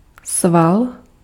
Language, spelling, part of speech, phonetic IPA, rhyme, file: Czech, sval, noun, [ˈsval], -al, Cs-sval.ogg
- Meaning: muscle